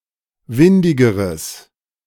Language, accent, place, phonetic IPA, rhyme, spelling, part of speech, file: German, Germany, Berlin, [ˈvɪndɪɡəʁəs], -ɪndɪɡəʁəs, windigeres, adjective, De-windigeres.ogg
- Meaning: strong/mixed nominative/accusative neuter singular comparative degree of windig